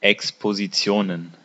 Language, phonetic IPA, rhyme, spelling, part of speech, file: German, [ɛkspoziˈt͡si̯oːnən], -oːnən, Expositionen, noun, De-Expositionen.ogg
- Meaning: plural of Exposition